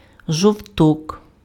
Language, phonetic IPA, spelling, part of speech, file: Ukrainian, [ʒɔu̯ˈtɔk], жовток, noun, Uk-жовток.ogg
- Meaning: yolk, egg yolk